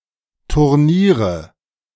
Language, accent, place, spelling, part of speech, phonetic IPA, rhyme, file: German, Germany, Berlin, Turniere, noun, [tʊʁˈniːʁə], -iːʁə, De-Turniere.ogg
- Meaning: nominative/accusative/genitive plural of Turnier